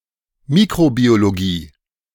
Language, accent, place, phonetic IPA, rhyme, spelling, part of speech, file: German, Germany, Berlin, [ˈmiːkʁobioloˌɡiː], -iː, Mikrobiologie, noun, De-Mikrobiologie.ogg
- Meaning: microbiology